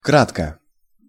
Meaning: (adverb) briefly; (adjective) short neuter singular of кра́ткий (krátkij)
- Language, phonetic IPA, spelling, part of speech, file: Russian, [ˈkratkə], кратко, adverb / adjective, Ru-кратко.ogg